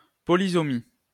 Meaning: polysomy
- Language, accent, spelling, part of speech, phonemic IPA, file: French, France, polysomie, noun, /pɔ.li.sɔ.mi/, LL-Q150 (fra)-polysomie.wav